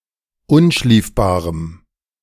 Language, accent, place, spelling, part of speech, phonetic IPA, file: German, Germany, Berlin, unschliefbarem, adjective, [ˈʊnˌʃliːfbaːʁəm], De-unschliefbarem.ogg
- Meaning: strong dative masculine/neuter singular of unschliefbar